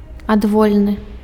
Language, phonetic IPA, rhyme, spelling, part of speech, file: Belarusian, [adˈvolʲnɨ], -olʲnɨ, адвольны, adjective, Be-адвольны.ogg
- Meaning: arbitrary